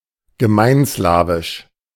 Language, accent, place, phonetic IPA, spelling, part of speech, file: German, Germany, Berlin, [ɡəˈmaɪ̯nˌslaːvɪʃ], gemeinslawisch, adjective, De-gemeinslawisch.ogg
- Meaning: Common Slavic